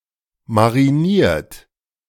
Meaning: 1. past participle of marinieren 2. inflection of marinieren: third-person singular present 3. inflection of marinieren: second-person plural present 4. inflection of marinieren: plural imperative
- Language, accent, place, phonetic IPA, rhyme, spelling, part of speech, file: German, Germany, Berlin, [maʁiˈniːɐ̯t], -iːɐ̯t, mariniert, adjective / verb, De-mariniert.ogg